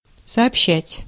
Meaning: 1. to communicate, to inform, to report, to tell, to say, to let know 2. to impart
- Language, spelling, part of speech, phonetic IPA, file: Russian, сообщать, verb, [sɐɐpˈɕːætʲ], Ru-сообщать.ogg